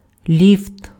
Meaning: lift, elevator
- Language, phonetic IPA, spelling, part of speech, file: Ukrainian, [lʲift], ліфт, noun, Uk-ліфт.ogg